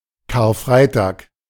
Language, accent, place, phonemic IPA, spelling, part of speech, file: German, Germany, Berlin, /kaːɐ̯ˈfraitaːk/, Karfreitag, noun, De-Karfreitag.ogg
- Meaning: Good Friday